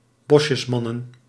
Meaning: plural of Bosjesman
- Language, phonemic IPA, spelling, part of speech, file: Dutch, /ˈbɔʃəsˌmɑnə(n)/, Bosjesmannen, noun, Nl-Bosjesmannen.ogg